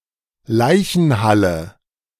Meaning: morgue, mortuary
- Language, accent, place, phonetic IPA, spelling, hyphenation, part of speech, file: German, Germany, Berlin, [ˈlaɪ̯çn̩ˌhalə], Leichenhalle, Lei‧chen‧hal‧le, noun, De-Leichenhalle.ogg